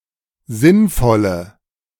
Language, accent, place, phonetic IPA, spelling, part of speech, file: German, Germany, Berlin, [ˈzɪnˌfɔlə], sinnvolle, adjective, De-sinnvolle.ogg
- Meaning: inflection of sinnvoll: 1. strong/mixed nominative/accusative feminine singular 2. strong nominative/accusative plural 3. weak nominative all-gender singular